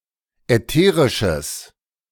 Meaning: strong/mixed nominative/accusative neuter singular of ätherisch
- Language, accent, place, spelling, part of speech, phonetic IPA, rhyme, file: German, Germany, Berlin, ätherisches, adjective, [ɛˈteːʁɪʃəs], -eːʁɪʃəs, De-ätherisches.ogg